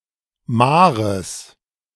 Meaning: genitive singular of Mahr
- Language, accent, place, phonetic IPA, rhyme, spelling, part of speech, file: German, Germany, Berlin, [ˈmaːʁəs], -aːʁəs, Mahres, noun, De-Mahres.ogg